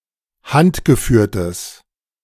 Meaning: strong/mixed nominative/accusative neuter singular of handgeführt
- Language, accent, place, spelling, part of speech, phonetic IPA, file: German, Germany, Berlin, handgeführtes, adjective, [ˈhantɡəˌfyːɐ̯təs], De-handgeführtes.ogg